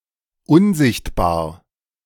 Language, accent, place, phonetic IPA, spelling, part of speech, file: German, Germany, Berlin, [ˈʊnˌzɪçtbaːɐ̯], unsichtbar, adjective, De-unsichtbar.ogg
- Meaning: invisible